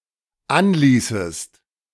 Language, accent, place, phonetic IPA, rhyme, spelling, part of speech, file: German, Germany, Berlin, [ˈanˌliːsəst], -anliːsəst, anließest, verb, De-anließest.ogg
- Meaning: second-person singular dependent subjunctive II of anlassen